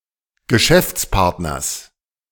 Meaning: genitive singular of Geschäftspartner
- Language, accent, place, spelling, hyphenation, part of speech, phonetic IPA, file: German, Germany, Berlin, Geschäftspartners, Ge‧schäfts‧part‧ners, noun, [ɡəˈʃɛft͡sˌpaʁtnɐs], De-Geschäftspartners.ogg